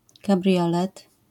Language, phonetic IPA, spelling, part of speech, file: Polish, [kaˈbrʲjɔlɛt], kabriolet, noun, LL-Q809 (pol)-kabriolet.wav